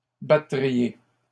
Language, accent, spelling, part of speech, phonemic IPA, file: French, Canada, battriez, verb, /ba.tʁi.je/, LL-Q150 (fra)-battriez.wav
- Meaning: second-person plural conditional of battre